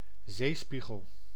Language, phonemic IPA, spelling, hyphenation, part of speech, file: Dutch, /ˈzeːˌspi.ɣəl/, zeespiegel, zee‧spie‧gel, noun, Nl-zeespiegel.ogg
- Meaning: sea level